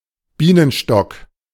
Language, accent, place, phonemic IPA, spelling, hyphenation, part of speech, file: German, Germany, Berlin, /ˈbiːnənˌʃtɔk/, Bienenstock, Bie‧nen‧stock, noun, De-Bienenstock.ogg
- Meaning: hive, beehive (artificial structure for housing bees, including the swarm and its combs)